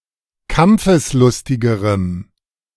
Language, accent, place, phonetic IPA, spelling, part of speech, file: German, Germany, Berlin, [ˈkamp͡fəsˌlʊstɪɡəʁəm], kampfeslustigerem, adjective, De-kampfeslustigerem.ogg
- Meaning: strong dative masculine/neuter singular comparative degree of kampfeslustig